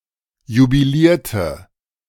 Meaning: inflection of jubilieren: 1. first/third-person singular preterite 2. first/third-person singular subjunctive II
- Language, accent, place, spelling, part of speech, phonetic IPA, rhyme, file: German, Germany, Berlin, jubilierte, verb, [jubiˈliːɐ̯tə], -iːɐ̯tə, De-jubilierte.ogg